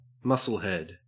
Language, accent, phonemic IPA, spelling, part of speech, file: English, Australia, /ˈmʌsəlˌhɛd/, musclehead, noun, En-au-musclehead.ogg
- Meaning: 1. A large and muscular man, especially one interested in bodybuilding 2. A muscular person who is dull or stupid